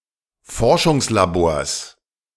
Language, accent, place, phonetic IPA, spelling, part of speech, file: German, Germany, Berlin, [ˈfɔʁʃʊŋslaˌboːɐ̯s], Forschungslabors, noun, De-Forschungslabors.ogg
- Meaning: genitive singular of Forschungslabor